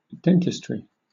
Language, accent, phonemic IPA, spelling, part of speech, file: English, Southern England, /ˈdɛntɪstɹi/, dentistry, noun, LL-Q1860 (eng)-dentistry.wav
- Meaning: The field of medicine concerned with the study, diagnosis, and treatment of conditions of the teeth and oral cavity